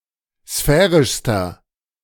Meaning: inflection of sphärisch: 1. strong/mixed nominative masculine singular superlative degree 2. strong genitive/dative feminine singular superlative degree 3. strong genitive plural superlative degree
- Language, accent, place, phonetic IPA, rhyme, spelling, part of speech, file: German, Germany, Berlin, [ˈsfɛːʁɪʃstɐ], -ɛːʁɪʃstɐ, sphärischster, adjective, De-sphärischster.ogg